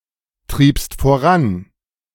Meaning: second-person singular preterite of vorantreiben
- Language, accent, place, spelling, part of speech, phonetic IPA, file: German, Germany, Berlin, triebst voran, verb, [ˌtʁiːpst foˈʁan], De-triebst voran.ogg